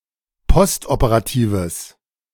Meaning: strong/mixed nominative/accusative neuter singular of postoperativ
- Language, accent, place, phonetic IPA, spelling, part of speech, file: German, Germany, Berlin, [ˈpɔstʔopəʁaˌtiːvəs], postoperatives, adjective, De-postoperatives.ogg